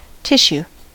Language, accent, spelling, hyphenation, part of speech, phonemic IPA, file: English, General American, tissue, tis‧sue, noun / verb, /ˈtɪʃ.(j)u/, En-us-tissue.ogg
- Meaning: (noun) 1. Thin, woven, gauzelike fabric 2. A fine transparent silk material, used for veils, etc.; specifically, cloth interwoven with gold or silver threads, or embossed with figures